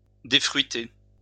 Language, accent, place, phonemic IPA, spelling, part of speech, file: French, France, Lyon, /de.fʁɥi.te/, défruiter, verb, LL-Q150 (fra)-défruiter.wav
- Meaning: to remove fruit